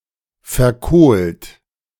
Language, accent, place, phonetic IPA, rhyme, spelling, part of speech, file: German, Germany, Berlin, [fɛɐ̯ˈkoːlt], -oːlt, verkohlt, adjective / verb, De-verkohlt.ogg
- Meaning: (verb) past participle of verkohlen; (adjective) charred, carbonized